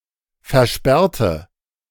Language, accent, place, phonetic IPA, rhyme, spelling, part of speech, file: German, Germany, Berlin, [fɛɐ̯ˈʃpɛʁtə], -ɛʁtə, versperrte, adjective / verb, De-versperrte.ogg
- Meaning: inflection of versperren: 1. first/third-person singular preterite 2. first/third-person singular subjunctive II